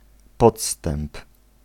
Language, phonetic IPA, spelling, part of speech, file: Polish, [ˈpɔtstɛ̃mp], podstęp, noun, Pl-podstęp.ogg